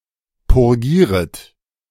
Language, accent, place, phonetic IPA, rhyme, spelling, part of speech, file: German, Germany, Berlin, [pʊʁˈɡiːʁət], -iːʁət, purgieret, verb, De-purgieret.ogg
- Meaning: second-person plural subjunctive I of purgieren